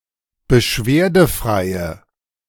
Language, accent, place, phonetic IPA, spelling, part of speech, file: German, Germany, Berlin, [bəˈʃveːɐ̯dəˌfʁaɪ̯ə], beschwerdefreie, adjective, De-beschwerdefreie.ogg
- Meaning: inflection of beschwerdefrei: 1. strong/mixed nominative/accusative feminine singular 2. strong nominative/accusative plural 3. weak nominative all-gender singular